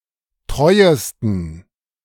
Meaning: 1. superlative degree of treu 2. inflection of treu: strong genitive masculine/neuter singular superlative degree
- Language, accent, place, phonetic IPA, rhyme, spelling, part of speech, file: German, Germany, Berlin, [ˈtʁɔɪ̯əstn̩], -ɔɪ̯əstn̩, treuesten, adjective, De-treuesten.ogg